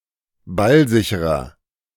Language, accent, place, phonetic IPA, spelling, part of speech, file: German, Germany, Berlin, [ˈbalˌzɪçəʁɐ], ballsicherer, adjective, De-ballsicherer.ogg
- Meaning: 1. comparative degree of ballsicher 2. inflection of ballsicher: strong/mixed nominative masculine singular 3. inflection of ballsicher: strong genitive/dative feminine singular